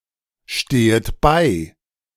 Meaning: second-person plural subjunctive I of beistehen
- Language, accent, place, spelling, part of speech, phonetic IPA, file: German, Germany, Berlin, stehet bei, verb, [ˌʃteːət ˈbaɪ̯], De-stehet bei.ogg